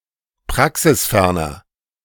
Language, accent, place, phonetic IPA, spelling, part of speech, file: German, Germany, Berlin, [ˈpʁaksɪsˌfɛʁnɐ], praxisferner, adjective, De-praxisferner.ogg
- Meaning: 1. comparative degree of praxisfern 2. inflection of praxisfern: strong/mixed nominative masculine singular 3. inflection of praxisfern: strong genitive/dative feminine singular